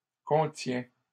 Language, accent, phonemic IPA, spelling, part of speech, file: French, Canada, /kɔ̃.tjɛ̃/, contient, verb, LL-Q150 (fra)-contient.wav
- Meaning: third-person singular present indicative of contenir